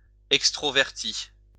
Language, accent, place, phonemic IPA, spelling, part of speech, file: French, France, Lyon, /ɛk.stʁɔ.vɛʁ.ti/, extroverti, adjective / noun, LL-Q150 (fra)-extroverti.wav
- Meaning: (adjective) alternative form of extraverti